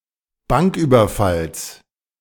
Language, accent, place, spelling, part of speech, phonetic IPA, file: German, Germany, Berlin, Banküberfalls, noun, [ˈbaŋkˌʔyːbɐfals], De-Banküberfalls.ogg
- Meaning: genitive singular of Banküberfall